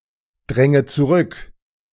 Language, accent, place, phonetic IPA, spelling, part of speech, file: German, Germany, Berlin, [ˌdʁɛŋə t͡suˈʁʏk], dränge zurück, verb, De-dränge zurück.ogg
- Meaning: inflection of zurückdrängen: 1. first-person singular present 2. first/third-person singular subjunctive I 3. singular imperative